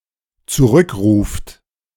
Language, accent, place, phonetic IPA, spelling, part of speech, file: German, Germany, Berlin, [t͡suˈʁʏkˌʁuːft], zurückruft, verb, De-zurückruft.ogg
- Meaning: inflection of zurückrufen: 1. third-person singular dependent present 2. second-person plural dependent present